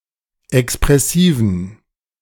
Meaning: inflection of expressiv: 1. strong genitive masculine/neuter singular 2. weak/mixed genitive/dative all-gender singular 3. strong/weak/mixed accusative masculine singular 4. strong dative plural
- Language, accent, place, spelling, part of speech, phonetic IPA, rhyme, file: German, Germany, Berlin, expressiven, adjective, [ɛkspʁɛˈsiːvn̩], -iːvn̩, De-expressiven.ogg